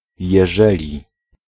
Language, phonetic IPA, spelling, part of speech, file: Polish, [jɛˈʒɛlʲi], jeżeli, conjunction, Pl-jeżeli.ogg